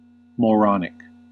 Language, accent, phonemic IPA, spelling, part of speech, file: English, US, /mɔɹˈɑnɪk/, moronic, adjective, En-us-moronic.ogg
- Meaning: 1. Having a mental age of between seven and twelve years 2. Behaving in the manner of a moron; idiotic; stupid